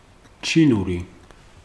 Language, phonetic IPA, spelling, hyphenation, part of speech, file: Georgian, [t͡ʃʰinuɾi], ჩინური, ჩი‧ნუ‧რი, adjective, Ka-ჩინური.ogg
- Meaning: 1. Chinese 2. obscure